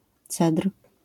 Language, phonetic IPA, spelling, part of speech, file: Polish, [t͡sɛtr̥], cedr, noun, LL-Q809 (pol)-cedr.wav